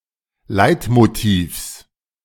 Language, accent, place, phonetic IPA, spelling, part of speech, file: German, Germany, Berlin, [ˈlaɪ̯tmoˌtiːfs], Leitmotivs, noun, De-Leitmotivs.ogg
- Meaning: genitive singular of Leitmotiv